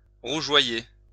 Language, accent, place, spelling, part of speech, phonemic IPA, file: French, France, Lyon, rougeoyer, verb, /ʁu.ʒwa.je/, LL-Q150 (fra)-rougeoyer.wav
- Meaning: to glow (red)